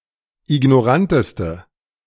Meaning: inflection of ignorant: 1. strong/mixed nominative/accusative feminine singular superlative degree 2. strong nominative/accusative plural superlative degree
- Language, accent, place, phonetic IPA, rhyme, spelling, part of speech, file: German, Germany, Berlin, [ɪɡnɔˈʁantəstə], -antəstə, ignoranteste, adjective, De-ignoranteste.ogg